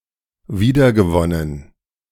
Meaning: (verb) past participle of wiedergewinnen; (adjective) 1. reclaimed, recovered, salvaged 2. regained
- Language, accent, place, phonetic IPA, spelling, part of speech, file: German, Germany, Berlin, [ˈviːdɐɡəˌvɔnən], wiedergewonnen, verb, De-wiedergewonnen.ogg